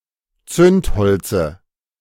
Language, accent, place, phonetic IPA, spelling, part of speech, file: German, Germany, Berlin, [ˈt͡sʏntˌhɔlt͡sə], Zündholze, noun, De-Zündholze.ogg
- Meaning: dative of Zündholz